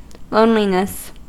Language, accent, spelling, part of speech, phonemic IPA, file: English, US, loneliness, noun, /ˈloʊnlinəs/, En-us-loneliness.ogg
- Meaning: 1. A feeling of depression resulting from being alone or from having no companions 2. The condition or state of being alone or having no companions